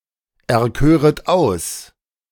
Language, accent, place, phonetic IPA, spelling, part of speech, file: German, Germany, Berlin, [ɛɐ̯ˌkøːʁət ˈaʊ̯s], erköret aus, verb, De-erköret aus.ogg
- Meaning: second-person plural subjunctive II of auserkiesen